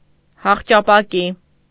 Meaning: faience
- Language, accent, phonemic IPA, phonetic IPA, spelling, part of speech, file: Armenian, Eastern Armenian, /hɑχt͡ʃɑpɑˈki/, [hɑχt͡ʃɑpɑkí], հախճապակի, noun, Hy-հախճապակի.ogg